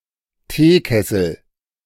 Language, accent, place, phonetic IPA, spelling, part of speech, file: German, Germany, Berlin, [ˈteːˌkɛsl̩], Teekessel, noun, De-Teekessel.ogg
- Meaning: teapot